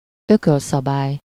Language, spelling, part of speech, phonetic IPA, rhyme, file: Hungarian, ökölszabály, noun, [ˈøkølsɒbaːj], -aːj, Hu-ökölszabály.ogg
- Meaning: rule of thumb